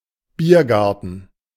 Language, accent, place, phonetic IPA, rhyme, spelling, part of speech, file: German, Germany, Berlin, [ˈbiːɐ̯ˌɡaʁtn̩], -iːɐ̯ɡaʁtn̩, Biergarten, noun, De-Biergarten.ogg
- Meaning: beer garden